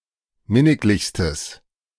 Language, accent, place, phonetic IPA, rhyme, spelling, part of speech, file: German, Germany, Berlin, [ˈmɪnɪklɪçstəs], -ɪnɪklɪçstəs, minniglichstes, adjective, De-minniglichstes.ogg
- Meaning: strong/mixed nominative/accusative neuter singular superlative degree of minniglich